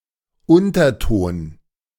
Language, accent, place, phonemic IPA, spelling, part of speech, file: German, Germany, Berlin, /ˈʊntɐˌtoːn/, Unterton, noun, De-Unterton.ogg
- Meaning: 1. undertone, undercurrent (subtle and implicit message contained in an explicit message) 2. subharmonic